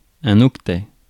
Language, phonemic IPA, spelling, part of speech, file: French, /ɔk.tɛ/, octet, noun, Fr-octet.ogg
- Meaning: byte (of eight bits), octet